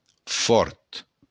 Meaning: strong
- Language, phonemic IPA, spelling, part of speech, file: Occitan, /fɔɾt/, fòrt, adjective, LL-Q942602-fòrt.wav